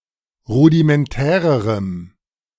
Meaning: strong dative masculine/neuter singular comparative degree of rudimentär
- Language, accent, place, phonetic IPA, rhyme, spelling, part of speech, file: German, Germany, Berlin, [ˌʁudimɛnˈtɛːʁəʁəm], -ɛːʁəʁəm, rudimentärerem, adjective, De-rudimentärerem.ogg